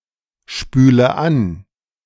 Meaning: inflection of anspülen: 1. first-person singular present 2. first/third-person singular subjunctive I 3. singular imperative
- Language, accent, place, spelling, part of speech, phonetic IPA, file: German, Germany, Berlin, spüle an, verb, [ˌʃpyːlə ˈan], De-spüle an.ogg